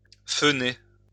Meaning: to blow-dry (to dry one's hair with a hairdryer)
- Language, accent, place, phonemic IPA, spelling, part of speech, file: French, France, Lyon, /fø.ne/, foehner, verb, LL-Q150 (fra)-foehner.wav